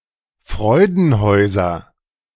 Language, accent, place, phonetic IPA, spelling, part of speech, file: German, Germany, Berlin, [ˈfʁɔɪ̯dn̩ˌhɔɪ̯zɐ], Freudenhäuser, noun, De-Freudenhäuser.ogg
- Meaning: nominative/accusative/genitive plural of Freudenhaus